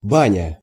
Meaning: 1. banya 2. bath 3. Turkish bath, steam bath
- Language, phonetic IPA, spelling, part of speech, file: Russian, [ˈbanʲə], баня, noun, Ru-баня.ogg